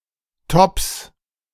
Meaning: 1. genitive singular of Topp 2. plural of Topp
- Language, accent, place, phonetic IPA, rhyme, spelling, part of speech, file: German, Germany, Berlin, [tɔps], -ɔps, Topps, noun, De-Topps.ogg